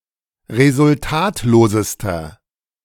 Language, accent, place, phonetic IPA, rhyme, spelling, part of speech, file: German, Germany, Berlin, [ʁezʊlˈtaːtloːzəstɐ], -aːtloːzəstɐ, resultatlosester, adjective, De-resultatlosester.ogg
- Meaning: inflection of resultatlos: 1. strong/mixed nominative masculine singular superlative degree 2. strong genitive/dative feminine singular superlative degree 3. strong genitive plural superlative degree